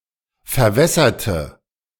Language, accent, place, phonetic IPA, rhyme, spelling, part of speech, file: German, Germany, Berlin, [fɛɐ̯ˈvɛsɐtə], -ɛsɐtə, verwässerte, adjective / verb, De-verwässerte.ogg
- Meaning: inflection of verwässern: 1. first/third-person singular preterite 2. first/third-person singular subjunctive II